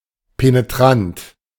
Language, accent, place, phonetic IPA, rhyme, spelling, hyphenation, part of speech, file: German, Germany, Berlin, [peneˈtʁant], -ant, penetrant, pe‧ne‧trant, adjective, De-penetrant.ogg
- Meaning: 1. piercing 2. penetrating 3. pushy, obtrusive